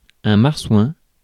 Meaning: porpoise
- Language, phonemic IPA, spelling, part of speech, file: French, /maʁ.swɛ̃/, marsouin, noun, Fr-marsouin.ogg